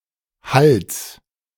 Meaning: genitive singular of Hall
- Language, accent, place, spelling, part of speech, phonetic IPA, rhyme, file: German, Germany, Berlin, Halls, noun, [hals], -als, De-Halls.ogg